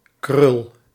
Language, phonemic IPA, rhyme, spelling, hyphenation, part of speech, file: Dutch, /krʏl/, -ʏl, krul, krul, noun, Nl-krul.ogg
- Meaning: 1. a curl shape (such as in hair or writing) 2. a flourish of approval ; a curly loop as a symbol, used by teachers to mark answers as correct 3. a scroll (e.g. of a violin)